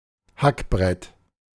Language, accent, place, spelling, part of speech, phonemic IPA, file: German, Germany, Berlin, Hackbrett, noun, /ˈhakˌbʁɛt/, De-Hackbrett.ogg
- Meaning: hammered dulcimer